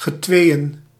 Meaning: by twos
- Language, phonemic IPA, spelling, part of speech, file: Dutch, /ɣəˈtwejə(n)/, getweeën, numeral, Nl-getweeën.ogg